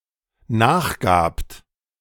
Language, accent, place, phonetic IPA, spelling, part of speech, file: German, Germany, Berlin, [ˈnaːxˌɡaːpt], nachgabt, verb, De-nachgabt.ogg
- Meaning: second-person plural dependent preterite of nachgeben